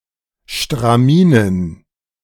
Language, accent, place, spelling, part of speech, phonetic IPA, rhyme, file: German, Germany, Berlin, Straminen, noun, [ʃtʁaˈmiːnən], -iːnən, De-Straminen.ogg
- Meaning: dative plural of Stramin